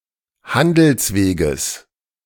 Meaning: genitive singular of Handelsweg
- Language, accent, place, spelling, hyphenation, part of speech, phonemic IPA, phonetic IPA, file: German, Germany, Berlin, Handelsweges, Han‧dels‧we‧ges, noun, /ˈhandəlsˌveːɡəs/, [ˈhandl̩sˌveːɡəs], De-Handelsweges.ogg